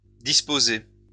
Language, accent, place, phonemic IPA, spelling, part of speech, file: French, France, Lyon, /dis.po.ze/, disposées, adjective / verb, LL-Q150 (fra)-disposées.wav
- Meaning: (adjective) feminine plural of disposé